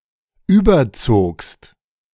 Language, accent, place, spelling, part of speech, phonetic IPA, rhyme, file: German, Germany, Berlin, überzogst, verb, [ˈyːbɐˌt͡soːkst], -oːkst, De-überzogst.ogg
- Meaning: second-person singular preterite of überziehen